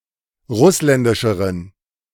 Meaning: inflection of russländisch: 1. strong genitive masculine/neuter singular comparative degree 2. weak/mixed genitive/dative all-gender singular comparative degree
- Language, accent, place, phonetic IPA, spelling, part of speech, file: German, Germany, Berlin, [ˈʁʊslɛndɪʃəʁən], russländischeren, adjective, De-russländischeren.ogg